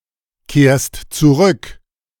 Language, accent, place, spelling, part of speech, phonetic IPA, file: German, Germany, Berlin, kehrst zurück, verb, [ˌkeːɐ̯st t͡suˈʁʏk], De-kehrst zurück.ogg
- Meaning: second-person singular present of zurückkehren